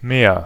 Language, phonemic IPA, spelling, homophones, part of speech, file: German, /meːr/, mehr, Meer, pronoun / determiner / adverb, De-mehr.ogg
- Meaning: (pronoun) something more; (determiner) comparative degree of viel: more; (adverb) 1. more 2. no longer, never again, nothing more, not anymore